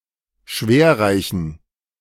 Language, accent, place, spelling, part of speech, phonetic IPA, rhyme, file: German, Germany, Berlin, schwerreichen, adjective, [ˈʃveːɐ̯ˌʁaɪ̯çn̩], -eːɐ̯ʁaɪ̯çn̩, De-schwerreichen.ogg
- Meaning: inflection of schwerreich: 1. strong genitive masculine/neuter singular 2. weak/mixed genitive/dative all-gender singular 3. strong/weak/mixed accusative masculine singular 4. strong dative plural